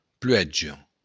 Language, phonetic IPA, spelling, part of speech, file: Occitan, [ˈplɥɛ(d)ʒo], pluèja, noun, LL-Q942602-pluèja.wav
- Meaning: rain